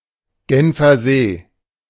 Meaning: Lake Geneva (a large lake in Switzerland)
- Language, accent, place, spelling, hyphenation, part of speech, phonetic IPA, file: German, Germany, Berlin, Genfersee, Gen‧fer‧see, proper noun, [ˈɡɛnfɐˌzeː], De-Genfersee.ogg